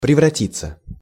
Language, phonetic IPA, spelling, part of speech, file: Russian, [prʲɪvrɐˈtʲit͡sːə], превратиться, verb, Ru-превратиться.ogg
- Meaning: 1. to turn into, to change into 2. passive of преврати́ть (prevratítʹ)